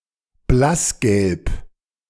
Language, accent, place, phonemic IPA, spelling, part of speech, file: German, Germany, Berlin, /ˈblasˌɡɛlp/, blassgelb, adjective, De-blassgelb.ogg
- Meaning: pale yellow